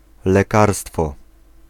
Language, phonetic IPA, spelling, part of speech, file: Polish, [lɛˈkarstfɔ], lekarstwo, noun, Pl-lekarstwo.ogg